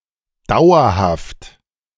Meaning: permanent, lasting, enduring, durable
- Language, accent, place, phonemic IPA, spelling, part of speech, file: German, Germany, Berlin, /ˈdaʊ̯ɐhaft/, dauerhaft, adjective, De-dauerhaft.ogg